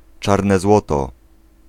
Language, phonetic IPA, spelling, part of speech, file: Polish, [ˈt͡ʃarnɛ ˈzwɔtɔ], czarne złoto, noun, Pl-czarne złoto.ogg